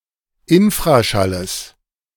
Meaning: genitive singular of Infraschall
- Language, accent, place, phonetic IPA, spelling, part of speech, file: German, Germany, Berlin, [ˈɪnfʁaˌʃaləs], Infraschalles, noun, De-Infraschalles.ogg